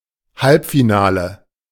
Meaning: semifinal
- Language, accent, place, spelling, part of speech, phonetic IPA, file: German, Germany, Berlin, Halbfinale, noun, [ˈhalpfiˌnaːlə], De-Halbfinale.ogg